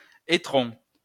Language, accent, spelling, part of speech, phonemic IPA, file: French, France, étron, noun, /e.tʁɔ̃/, LL-Q150 (fra)-étron.wav
- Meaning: turd, crap, fecal matter